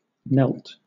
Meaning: simple past and past participle of kneel
- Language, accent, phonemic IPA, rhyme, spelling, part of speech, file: English, Southern England, /nɛlt/, -ɛlt, knelt, verb, LL-Q1860 (eng)-knelt.wav